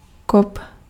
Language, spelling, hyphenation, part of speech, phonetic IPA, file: Czech, kop, kop, noun / verb, [ˈkop], Cs-kop.ogg
- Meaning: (noun) kick; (verb) second-person singular imperative of kopit